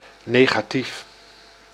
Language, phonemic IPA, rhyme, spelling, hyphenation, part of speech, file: Dutch, /ˌneː.xaːˈtif/, -if, negatief, ne‧ga‧tief, adjective / noun, Nl-negatief.ogg
- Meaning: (adjective) negative; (noun) a negative, a negative image